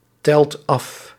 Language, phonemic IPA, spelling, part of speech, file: Dutch, /ˈtɛlt ˈɑf/, telt af, verb, Nl-telt af.ogg
- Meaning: inflection of aftellen: 1. second/third-person singular present indicative 2. plural imperative